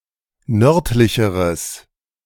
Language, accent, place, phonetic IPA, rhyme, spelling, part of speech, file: German, Germany, Berlin, [ˈnœʁtlɪçəʁəs], -œʁtlɪçəʁəs, nördlicheres, adjective, De-nördlicheres.ogg
- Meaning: strong/mixed nominative/accusative neuter singular comparative degree of nördlich